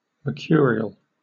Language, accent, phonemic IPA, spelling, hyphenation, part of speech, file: English, Received Pronunciation, /məːˈkjʊə.ɹɪ.əl/, mercurial, mer‧cu‧ri‧al, noun / adjective, En-uk-mercurial.oga
- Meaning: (noun) Any of the plants known as mercury, especially the annual mercury or French mercury (Mercurialis annua)